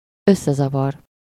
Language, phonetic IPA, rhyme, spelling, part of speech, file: Hungarian, [ˈøsːɛzɒvɒr], -ɒr, összezavar, verb, Hu-összezavar.ogg
- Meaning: to confuse, to mix up, to obfuscate